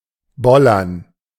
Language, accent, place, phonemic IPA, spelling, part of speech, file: German, Germany, Berlin, /ˈbɔlɐn/, bollern, verb, De-bollern.ogg
- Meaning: to thud (make the sound of a dull impact)